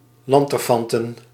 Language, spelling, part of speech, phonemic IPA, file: Dutch, lanterfanten, verb, /ˈlɑntərˌfɑntə(n)/, Nl-lanterfanten.ogg
- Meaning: to waste one's time, to be lazy, to lollygag